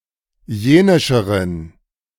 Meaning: inflection of jenisch: 1. strong genitive masculine/neuter singular comparative degree 2. weak/mixed genitive/dative all-gender singular comparative degree
- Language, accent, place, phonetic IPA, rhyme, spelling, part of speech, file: German, Germany, Berlin, [ˈjeːnɪʃəʁən], -eːnɪʃəʁən, jenischeren, adjective, De-jenischeren.ogg